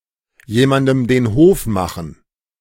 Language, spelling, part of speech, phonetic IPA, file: German, jemandem den Hof machen, phrase, [ˈjeːˌmandm̩ deːn ˈhoːf ˈmaxn̩], De-jemandem den Hof machen.ogg